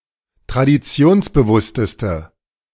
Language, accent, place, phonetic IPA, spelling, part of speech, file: German, Germany, Berlin, [tʁadiˈt͡si̯oːnsbəˌvʊstəstə], traditionsbewussteste, adjective, De-traditionsbewussteste.ogg
- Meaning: inflection of traditionsbewusst: 1. strong/mixed nominative/accusative feminine singular superlative degree 2. strong nominative/accusative plural superlative degree